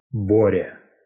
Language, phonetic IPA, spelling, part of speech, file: Russian, [ˈborʲə], Боря, proper noun, Ru-Боря.ogg
- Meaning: a diminutive, Borya, of the male given name Бори́с (Borís)